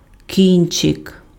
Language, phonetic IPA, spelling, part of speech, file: Ukrainian, [ˈkʲint͡ʃek], кінчик, noun, Uk-кінчик.ogg
- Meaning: tip, point (end)